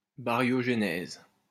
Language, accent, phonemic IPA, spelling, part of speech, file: French, France, /ba.ʁjɔ.ʒe.nɛz/, baryogénèse, noun, LL-Q150 (fra)-baryogénèse.wav
- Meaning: baryogenesis